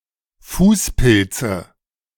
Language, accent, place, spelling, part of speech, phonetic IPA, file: German, Germany, Berlin, Fußpilze, noun, [ˈfuːsˌpɪlt͡sə], De-Fußpilze.ogg
- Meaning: dative singular of Fußpilz